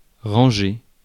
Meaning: 1. to order, to arrange 2. to put away, to put aside, to stack away, to stow 3. to park (a car) 4. to go along
- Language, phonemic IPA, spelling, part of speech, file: French, /ʁɑ̃.ʒe/, ranger, verb, Fr-ranger.ogg